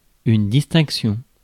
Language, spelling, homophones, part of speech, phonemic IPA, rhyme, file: French, distinction, distinctions, noun, /dis.tɛ̃k.sjɔ̃/, -ɔ̃, Fr-distinction.ogg
- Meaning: distinction (difference, honour)